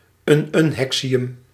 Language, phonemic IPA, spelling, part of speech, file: Dutch, /ˌynʏnˈhɛksiˌjʏm/, ununhexium, noun, Nl-ununhexium.ogg
- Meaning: ununhexium